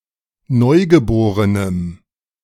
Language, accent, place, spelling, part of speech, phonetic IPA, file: German, Germany, Berlin, Neugeborenem, noun, [ˈnɔɪ̯ɡəˌboːʁənəm], De-Neugeborenem.ogg
- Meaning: strong dative singular of Neugeborenes